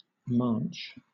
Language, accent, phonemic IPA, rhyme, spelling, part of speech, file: English, Southern England, /mɑːnt͡ʃ/, -ɑːntʃ, manche, noun, LL-Q1860 (eng)-manche.wav
- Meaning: 1. The neck of a violin 2. Obsolete form of maunch (“a sleeve”)